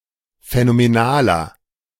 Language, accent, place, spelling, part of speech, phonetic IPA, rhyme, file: German, Germany, Berlin, phänomenaler, adjective, [fɛnomeˈnaːlɐ], -aːlɐ, De-phänomenaler.ogg
- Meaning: 1. comparative degree of phänomenal 2. inflection of phänomenal: strong/mixed nominative masculine singular 3. inflection of phänomenal: strong genitive/dative feminine singular